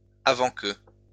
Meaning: before
- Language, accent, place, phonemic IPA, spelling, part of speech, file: French, France, Lyon, /a.vɑ̃ kə/, avant que, conjunction, LL-Q150 (fra)-avant que.wav